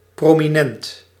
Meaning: prominent
- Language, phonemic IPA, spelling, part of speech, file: Dutch, /promiˈnɛnt/, prominent, adjective, Nl-prominent.ogg